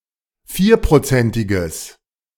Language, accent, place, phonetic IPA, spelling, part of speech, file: German, Germany, Berlin, [ˈfiːɐ̯pʁoˌt͡sɛntɪɡəs], vierprozentiges, adjective, De-vierprozentiges.ogg
- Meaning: strong/mixed nominative/accusative neuter singular of vierprozentig